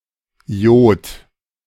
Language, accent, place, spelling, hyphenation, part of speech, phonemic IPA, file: German, Germany, Berlin, Iod, Iod, noun, /ˈi̯oːt/, De-Iod.ogg
- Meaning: alternative form of Jod